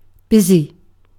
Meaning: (adjective) 1. Crowded with business or activities; having a great deal going on 2. Engaged with or preoccupied by an activity or person 3. Having much work to do; having much to get done
- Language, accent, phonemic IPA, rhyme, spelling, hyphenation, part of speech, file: English, UK, /ˈbɪz.i/, -ɪzi, busy, bus‧y, adjective / noun / verb, En-uk-busy.ogg